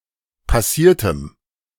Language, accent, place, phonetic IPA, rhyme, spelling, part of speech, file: German, Germany, Berlin, [paˈsiːɐ̯təm], -iːɐ̯təm, passiertem, adjective, De-passiertem.ogg
- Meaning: strong dative masculine/neuter singular of passiert